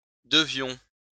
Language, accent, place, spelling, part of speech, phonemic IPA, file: French, France, Lyon, devions, verb, /də.vjɔ̃/, LL-Q150 (fra)-devions.wav
- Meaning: inflection of devoir: 1. first-person plural present subjunctive 2. first-person plural imperfect indicative